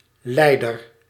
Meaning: sufferer
- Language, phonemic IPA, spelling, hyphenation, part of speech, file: Dutch, /ˈlɛidər/, lijder, lij‧der, noun, Nl-lijder.ogg